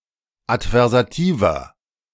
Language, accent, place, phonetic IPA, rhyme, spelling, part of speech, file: German, Germany, Berlin, [atvɛʁzaˈtiːvɐ], -iːvɐ, adversativer, adjective, De-adversativer.ogg
- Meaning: inflection of adversativ: 1. strong/mixed nominative masculine singular 2. strong genitive/dative feminine singular 3. strong genitive plural